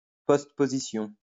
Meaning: postposition
- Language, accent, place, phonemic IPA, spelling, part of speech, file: French, France, Lyon, /pɔst.po.zi.sjɔ̃/, postposition, noun, LL-Q150 (fra)-postposition.wav